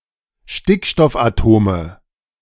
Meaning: nominative/accusative/genitive plural of Stickstoffatom
- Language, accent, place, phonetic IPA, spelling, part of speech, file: German, Germany, Berlin, [ˈʃtɪkʃtɔfʔaˌtoːmə], Stickstoffatome, noun, De-Stickstoffatome.ogg